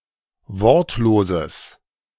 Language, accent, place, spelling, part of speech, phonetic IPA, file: German, Germany, Berlin, wortloses, adjective, [ˈvɔʁtloːzəs], De-wortloses.ogg
- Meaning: strong/mixed nominative/accusative neuter singular of wortlos